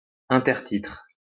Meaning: 1. subtitle 2. caption, intertitle
- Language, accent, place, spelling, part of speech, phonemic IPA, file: French, France, Lyon, intertitre, noun, /ɛ̃.tɛʁ.titʁ/, LL-Q150 (fra)-intertitre.wav